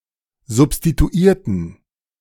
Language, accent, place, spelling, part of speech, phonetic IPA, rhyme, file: German, Germany, Berlin, substituierten, adjective / verb, [zʊpstituˈiːɐ̯tn̩], -iːɐ̯tn̩, De-substituierten.ogg
- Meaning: inflection of substituiert: 1. strong genitive masculine/neuter singular 2. weak/mixed genitive/dative all-gender singular 3. strong/weak/mixed accusative masculine singular 4. strong dative plural